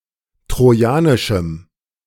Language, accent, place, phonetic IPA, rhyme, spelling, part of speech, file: German, Germany, Berlin, [tʁoˈjaːnɪʃm̩], -aːnɪʃm̩, trojanischem, adjective, De-trojanischem.ogg
- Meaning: strong dative masculine/neuter singular of trojanisch